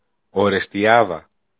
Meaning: 1. Orestiada (large town in Evros in Greece) 2. Orestiada (lake in Kastoria in Greece)
- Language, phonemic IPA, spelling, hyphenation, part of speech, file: Greek, /oɾestiˈaða/, Ορεστιάδα, Ο‧ρε‧στι‧ά‧δα, proper noun, El-Ορεστιάδα.ogg